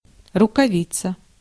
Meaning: 1. mitten, mitt 2. gauntlet
- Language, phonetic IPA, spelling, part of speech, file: Russian, [rʊkɐˈvʲit͡sə], рукавица, noun, Ru-рукавица.ogg